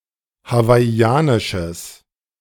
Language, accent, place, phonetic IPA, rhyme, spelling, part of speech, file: German, Germany, Berlin, [havaɪ̯ˈi̯aːnɪʃəs], -aːnɪʃəs, hawaiianisches, adjective, De-hawaiianisches.ogg
- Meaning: strong/mixed nominative/accusative neuter singular of hawaiianisch